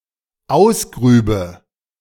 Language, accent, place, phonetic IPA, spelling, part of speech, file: German, Germany, Berlin, [ˈaʊ̯sˌɡʁyːbə], ausgrübe, verb, De-ausgrübe.ogg
- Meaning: first/third-person singular dependent subjunctive II of ausgraben